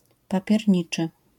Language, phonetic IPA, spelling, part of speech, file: Polish, [ˌpapʲjɛrʲˈɲit͡ʃɨ], papierniczy, adjective, LL-Q809 (pol)-papierniczy.wav